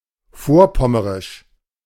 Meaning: of Vorpommern
- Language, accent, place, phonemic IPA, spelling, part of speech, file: German, Germany, Berlin, /ˈfoːɐ̯ˌpɔməʁɪʃ/, vorpommerisch, adjective, De-vorpommerisch.ogg